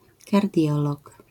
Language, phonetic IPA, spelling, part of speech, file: Polish, [karˈdʲjɔlɔk], kardiolog, noun, LL-Q809 (pol)-kardiolog.wav